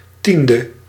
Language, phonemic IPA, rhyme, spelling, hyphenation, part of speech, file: Dutch, /ˈtində/, -ində, tiende, tien‧de, adjective / noun, Nl-tiende.ogg
- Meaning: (adjective) tenth; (noun) tithe